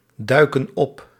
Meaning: inflection of opduiken: 1. plural present indicative 2. plural present subjunctive
- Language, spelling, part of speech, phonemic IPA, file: Dutch, duiken op, verb, /ˈdœykə(n) ˈɔp/, Nl-duiken op.ogg